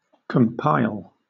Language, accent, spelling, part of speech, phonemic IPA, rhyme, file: English, Southern England, compile, verb / noun, /kəmˈpaɪl/, -aɪl, LL-Q1860 (eng)-compile.wav
- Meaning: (verb) 1. To make by gathering pieces from various sources 2. To construct; to build 3. To achieve (a break) by making a sequence of shots